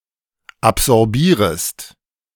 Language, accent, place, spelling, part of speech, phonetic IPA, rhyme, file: German, Germany, Berlin, absorbierest, verb, [apzɔʁˈbiːʁəst], -iːʁəst, De-absorbierest.ogg
- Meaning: second-person singular subjunctive I of absorbieren